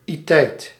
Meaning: alternative form of -teit
- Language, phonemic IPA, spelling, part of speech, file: Dutch, /itɛi̯t/, -iteit, suffix, Nl--iteit.ogg